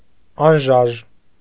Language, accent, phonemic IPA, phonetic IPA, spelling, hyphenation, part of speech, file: Armenian, Eastern Armenian, /ɑnˈʒɑʒ/, [ɑnʒɑ́ʒ], անժաժ, ան‧ժաժ, adjective, Hy-անժաժ.ogg
- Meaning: immovable